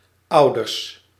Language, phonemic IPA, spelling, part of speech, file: Dutch, /ˈɑu̯.dərs/, ouders, adjective / noun, Nl-ouders.ogg
- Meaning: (adjective) synonym of bejaard (“elderly”); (noun) plural of ouder